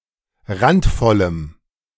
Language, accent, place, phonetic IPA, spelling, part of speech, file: German, Germany, Berlin, [ˈʁantˌfɔləm], randvollem, adjective, De-randvollem.ogg
- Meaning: strong dative masculine/neuter singular of randvoll